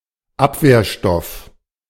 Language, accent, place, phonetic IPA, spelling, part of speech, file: German, Germany, Berlin, [ˈapveːɐ̯ˌʃtɔf], Abwehrstoff, noun, De-Abwehrstoff.ogg
- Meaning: 1. antigen, antibody 2. antitoxin